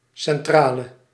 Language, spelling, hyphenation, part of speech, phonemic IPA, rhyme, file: Dutch, centrale, cen‧tra‧le, noun / adjective, /ˌsɛnˈtraː.lə/, -aːlə, Nl-centrale.ogg
- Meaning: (noun) 1. hub, central 2. plant, factory 3. exchange (in a communications network); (adjective) inflection of centraal: masculine/feminine singular attributive